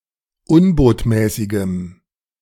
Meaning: strong dative masculine/neuter singular of unbotmäßig
- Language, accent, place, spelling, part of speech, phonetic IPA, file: German, Germany, Berlin, unbotmäßigem, adjective, [ˈʊnboːtmɛːsɪɡəm], De-unbotmäßigem.ogg